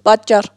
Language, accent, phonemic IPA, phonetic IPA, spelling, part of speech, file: Armenian, Eastern Armenian, /pɑtˈt͡ʃɑr/, [pɑt̚t͡ʃɑ́r], պատճառ, noun, Hy-պատճառ.ogg
- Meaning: reason, cause